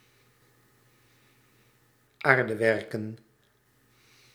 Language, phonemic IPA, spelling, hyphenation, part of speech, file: Dutch, /ˈaːr.dəˌʋɛr.kə(n)/, aardewerken, aar‧de‧wer‧ken, adjective, Nl-aardewerken.ogg
- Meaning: earthenware